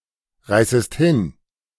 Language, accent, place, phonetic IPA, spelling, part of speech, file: German, Germany, Berlin, [ˌʁaɪ̯səst ˈhɪn], reißest hin, verb, De-reißest hin.ogg
- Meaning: second-person singular subjunctive I of hinreißen